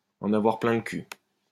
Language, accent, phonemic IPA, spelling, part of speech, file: French, France, /ɑ̃.n‿a.vwaʁ plɛ̃ l(ə) ky/, en avoir plein le cul, verb, LL-Q150 (fra)-en avoir plein le cul.wav
- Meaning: to be sick to death of, to be fed up to the back teeth with